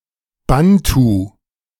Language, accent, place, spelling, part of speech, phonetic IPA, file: German, Germany, Berlin, Bantu, noun, [ˈbantu], De-Bantu.ogg
- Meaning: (proper noun) Bantu (language family); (noun) 1. Bantu speaker (male or of unspecified gender) 2. female Bantu speaker